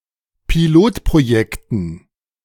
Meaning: dative plural of Pilotprojekt
- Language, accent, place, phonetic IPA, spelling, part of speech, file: German, Germany, Berlin, [piˈloːtpʁoˌjɛktn̩], Pilotprojekten, noun, De-Pilotprojekten.ogg